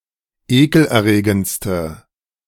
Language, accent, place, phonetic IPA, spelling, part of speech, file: German, Germany, Berlin, [ˈeːkl̩ʔɛɐ̯ˌʁeːɡənt͡stə], ekelerregendste, adjective, De-ekelerregendste.ogg
- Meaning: inflection of ekelerregend: 1. strong/mixed nominative/accusative feminine singular superlative degree 2. strong nominative/accusative plural superlative degree